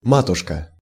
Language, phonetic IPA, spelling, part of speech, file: Russian, [ˈmatʊʂkə], матушка, noun, Ru-матушка.ogg
- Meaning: 1. mother, mum (parent) 2. mother (term of address)